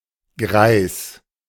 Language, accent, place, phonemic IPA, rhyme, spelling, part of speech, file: German, Germany, Berlin, /ɡʁaɪ̯s/, -aɪ̯s, greis, adjective, De-greis.ogg
- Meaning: 1. aged, very old, especially when decrepit or senile 2. grey (also generally implying very old age, not usually of people in their 40s or 50s)